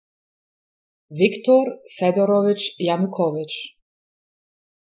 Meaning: a surname, Yanukovych and Yanukovich
- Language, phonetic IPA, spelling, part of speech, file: Ukrainian, [jɐnʊˈkɔʋet͡ʃ], Янукович, proper noun, Uk-Янукович.oga